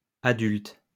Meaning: plural of adulte
- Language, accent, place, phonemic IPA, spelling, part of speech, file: French, France, Lyon, /a.dylt/, adultes, adjective, LL-Q150 (fra)-adultes.wav